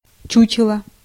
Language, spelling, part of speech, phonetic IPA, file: Russian, чучело, noun, [ˈt͡ɕʉt͡ɕɪɫə], Ru-чучело.ogg
- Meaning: 1. stuffed animal (bird), mount 2. scarecrow, man of straw, dummy; effigy 3. scarecrow, fright, bogeyman